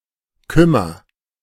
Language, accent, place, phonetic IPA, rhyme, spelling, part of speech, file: German, Germany, Berlin, [ˈkʏmɐ], -ʏmɐ, kümmer, verb, De-kümmer.ogg
- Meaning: inflection of kümmern: 1. first-person singular present 2. singular imperative